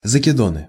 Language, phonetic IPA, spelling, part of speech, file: Russian, [zəkʲɪˈdonɨ], закидоны, noun, Ru-закидоны.ogg
- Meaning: nominative/accusative plural of закидо́н (zakidón)